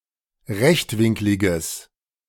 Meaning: strong/mixed nominative/accusative neuter singular of rechtwinklig
- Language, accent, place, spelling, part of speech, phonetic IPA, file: German, Germany, Berlin, rechtwinkliges, adjective, [ˈʁɛçtˌvɪŋklɪɡəs], De-rechtwinkliges.ogg